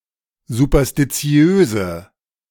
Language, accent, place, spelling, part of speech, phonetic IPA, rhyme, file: German, Germany, Berlin, superstitiöse, adjective, [zupɐstiˈt͡si̯øːzə], -øːzə, De-superstitiöse.ogg
- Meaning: inflection of superstitiös: 1. strong/mixed nominative/accusative feminine singular 2. strong nominative/accusative plural 3. weak nominative all-gender singular